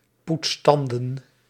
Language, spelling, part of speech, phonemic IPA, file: Dutch, poets tanden, verb, /ˈputs ˈtɑndə(n)/, Nl-poets tanden.ogg
- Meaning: inflection of tandenpoetsen: 1. first-person singular present indicative 2. second-person singular present indicative 3. imperative